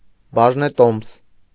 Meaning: share (financial instrument that shows that one owns a part of a company)
- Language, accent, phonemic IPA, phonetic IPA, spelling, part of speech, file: Armenian, Eastern Armenian, /bɑʒneˈtoms/, [bɑʒnetóms], բաժնետոմս, noun, Hy-բաժնետոմս.ogg